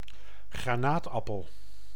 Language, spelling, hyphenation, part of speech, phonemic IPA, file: Dutch, granaatappel, gra‧naat‧ap‧pel, noun, /ɣraːˈnaːtˌɑpəl/, Nl-granaatappel.ogg
- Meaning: 1. the fruit pomegranate 2. the pomegranate plant (Punica granatum), which produces it